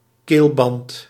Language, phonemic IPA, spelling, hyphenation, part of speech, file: Dutch, /ˈkeːl.bɑnt/, keelband, keel‧band, noun, Nl-keelband.ogg
- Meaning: chinstrap, collar, throat strap